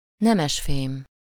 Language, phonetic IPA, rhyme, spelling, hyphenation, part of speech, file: Hungarian, [ˈnɛmɛʃfeːm], -eːm, nemesfém, ne‧mes‧fém, noun, Hu-nemesfém.ogg
- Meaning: noble metal